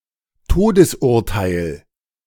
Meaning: death warrant, execution warrant
- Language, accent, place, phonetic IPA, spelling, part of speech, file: German, Germany, Berlin, [ˈtoːdəsˌʔʊʁtaɪ̯l], Todesurteil, noun, De-Todesurteil.ogg